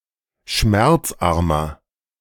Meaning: inflection of schmerzarm: 1. strong/mixed nominative masculine singular 2. strong genitive/dative feminine singular 3. strong genitive plural
- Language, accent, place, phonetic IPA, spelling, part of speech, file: German, Germany, Berlin, [ˈʃmɛʁt͡sˌʔaʁmɐ], schmerzarmer, adjective, De-schmerzarmer.ogg